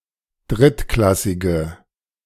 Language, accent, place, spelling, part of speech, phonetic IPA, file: German, Germany, Berlin, drittklassige, adjective, [ˈdʁɪtˌklasɪɡə], De-drittklassige.ogg
- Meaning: inflection of drittklassig: 1. strong/mixed nominative/accusative feminine singular 2. strong nominative/accusative plural 3. weak nominative all-gender singular